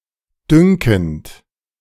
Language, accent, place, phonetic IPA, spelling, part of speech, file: German, Germany, Berlin, [ˈdʏŋkn̩t], dünkend, verb, De-dünkend.ogg
- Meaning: present participle of dünken